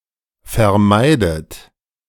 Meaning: inflection of vermeiden: 1. third-person singular present 2. second-person plural present 3. second-person plural subjunctive I 4. plural imperative
- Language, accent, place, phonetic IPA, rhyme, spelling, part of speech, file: German, Germany, Berlin, [fɛɐ̯ˈmaɪ̯dət], -aɪ̯dət, vermeidet, verb, De-vermeidet.ogg